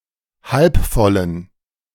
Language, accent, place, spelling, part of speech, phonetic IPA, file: German, Germany, Berlin, halb vollen, adjective, [ˌhalp ˈfɔlən], De-halb vollen.ogg
- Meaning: inflection of halb voll: 1. strong genitive masculine/neuter singular 2. weak/mixed genitive/dative all-gender singular 3. strong/weak/mixed accusative masculine singular 4. strong dative plural